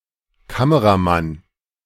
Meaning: cameraman
- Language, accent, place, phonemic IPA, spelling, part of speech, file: German, Germany, Berlin, /ˈkaməʁaˌman/, Kameramann, noun, De-Kameramann.ogg